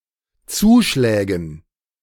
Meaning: dative plural of Zuschlag
- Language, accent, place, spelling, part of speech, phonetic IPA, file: German, Germany, Berlin, Zuschlägen, noun, [ˈt͡suːˌʃlɛːɡn̩], De-Zuschlägen.ogg